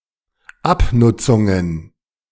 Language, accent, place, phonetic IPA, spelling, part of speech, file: German, Germany, Berlin, [ˈapnʊt͡sʊŋən], Abnutzungen, noun, De-Abnutzungen.ogg
- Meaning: plural of Abnutzung